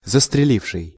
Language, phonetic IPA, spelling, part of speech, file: Russian, [zəstrʲɪˈlʲifʂɨj], застреливший, verb, Ru-застреливший.ogg
- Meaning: past active perfective participle of застрели́ть (zastrelítʹ)